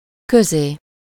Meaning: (postposition) 1. between 2. into, to; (pronoun) synonym of közéje
- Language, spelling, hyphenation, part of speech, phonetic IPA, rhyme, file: Hungarian, közé, kö‧zé, postposition / pronoun, [ˈkøzeː], -zeː, Hu-közé.ogg